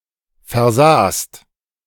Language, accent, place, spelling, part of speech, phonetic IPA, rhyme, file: German, Germany, Berlin, versahst, verb, [fɛɐ̯ˈzaːst], -aːst, De-versahst.ogg
- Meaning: second-person singular preterite of versehen